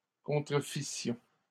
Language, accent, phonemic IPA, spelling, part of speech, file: French, Canada, /kɔ̃.tʁə.fi.sjɔ̃/, contrefissions, verb, LL-Q150 (fra)-contrefissions.wav
- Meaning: first-person plural imperfect subjunctive of contrefaire